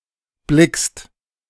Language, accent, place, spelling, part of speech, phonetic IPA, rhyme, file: German, Germany, Berlin, blickst, verb, [blɪkst], -ɪkst, De-blickst.ogg
- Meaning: second-person singular present of blicken